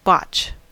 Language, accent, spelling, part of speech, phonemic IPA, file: English, US, botch, verb / noun, /bɑt͡ʃ/, En-us-botch.ogg
- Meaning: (verb) 1. To perform (a task) in an incompetent or unacceptable manner; to make a mess of something 2. To do (something) without care or skill, or clumsily 3. To mend or repair (something) clumsily